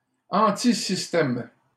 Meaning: anti-establishment
- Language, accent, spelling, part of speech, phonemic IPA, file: French, Canada, antisystème, adjective, /ɑ̃.ti.sis.tɛm/, LL-Q150 (fra)-antisystème.wav